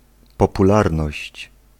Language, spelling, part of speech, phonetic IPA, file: Polish, popularność, noun, [ˌpɔpuˈlarnɔɕt͡ɕ], Pl-popularność.ogg